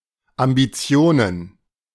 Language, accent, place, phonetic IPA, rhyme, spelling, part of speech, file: German, Germany, Berlin, [ambiˈt͡si̯oːnən], -oːnən, Ambitionen, noun, De-Ambitionen.ogg
- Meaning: plural of Ambition